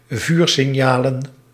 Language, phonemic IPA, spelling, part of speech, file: Dutch, /ˈvyrsɪˌɲalə(n)/, vuursignalen, noun, Nl-vuursignalen.ogg
- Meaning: plural of vuursignaal